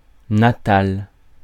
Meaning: native
- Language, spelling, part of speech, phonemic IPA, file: French, natal, adjective, /na.tal/, Fr-natal.ogg